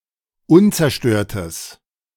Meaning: strong/mixed nominative/accusative neuter singular of unzerstört
- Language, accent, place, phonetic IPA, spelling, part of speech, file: German, Germany, Berlin, [ˈʊnt͡sɛɐ̯ˌʃtøːɐ̯təs], unzerstörtes, adjective, De-unzerstörtes.ogg